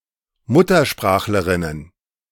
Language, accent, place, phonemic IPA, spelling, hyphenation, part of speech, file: German, Germany, Berlin, /ˈmʊtɐˌʃpʁaːxləʁɪnən/, Muttersprachlerinnen, Mut‧ter‧sprach‧le‧rin‧nen, noun, De-Muttersprachlerinnen.ogg
- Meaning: plural of Muttersprachlerin